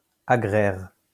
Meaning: land; agrarian
- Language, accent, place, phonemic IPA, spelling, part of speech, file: French, France, Lyon, /a.ɡʁɛʁ/, agraire, adjective, LL-Q150 (fra)-agraire.wav